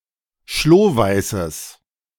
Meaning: strong/mixed nominative/accusative neuter singular of schlohweiß
- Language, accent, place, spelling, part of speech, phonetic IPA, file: German, Germany, Berlin, schlohweißes, adjective, [ˈʃloːˌvaɪ̯səs], De-schlohweißes.ogg